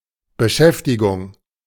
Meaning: occupation (activity or task with which one occupies oneself)
- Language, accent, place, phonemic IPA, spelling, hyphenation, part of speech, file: German, Germany, Berlin, /bəˈʃɛftɪɡʊŋ/, Beschäftigung, Be‧schäf‧ti‧gung, noun, De-Beschäftigung.ogg